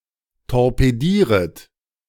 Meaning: second-person plural subjunctive I of torpedieren
- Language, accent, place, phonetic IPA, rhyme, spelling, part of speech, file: German, Germany, Berlin, [tɔʁpeˈdiːʁət], -iːʁət, torpedieret, verb, De-torpedieret.ogg